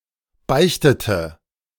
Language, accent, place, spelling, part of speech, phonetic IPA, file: German, Germany, Berlin, beichtete, verb, [ˈbaɪ̯çtətə], De-beichtete.ogg
- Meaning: inflection of beichten: 1. first/third-person singular preterite 2. first/third-person singular subjunctive II